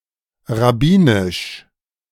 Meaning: rabbinical (referring to rabbis, their writings, or their work)
- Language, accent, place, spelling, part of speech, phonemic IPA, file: German, Germany, Berlin, rabbinisch, adjective, /ˌʁaˈbiːnɪʃ/, De-rabbinisch.ogg